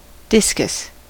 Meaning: 1. A round plate-like object that is thrown for sport 2. The athletics event of discus throw 3. A discus fish (genus Symphysodon) 4. A chakram
- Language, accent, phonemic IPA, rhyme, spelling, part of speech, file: English, US, /ˈdɪs.kəs/, -ɪskəs, discus, noun, En-us-discus.ogg